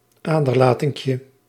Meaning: diminutive of aderlating
- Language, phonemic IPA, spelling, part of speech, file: Dutch, /ˈadərlatɪŋkjə/, aderlatinkje, noun, Nl-aderlatinkje.ogg